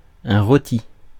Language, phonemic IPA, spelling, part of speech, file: French, /ʁo.ti/, rôti, adjective / verb / noun, Fr-rôti.ogg
- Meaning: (adjective) roast; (verb) past participle of rôtir; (noun) roast (roast meat)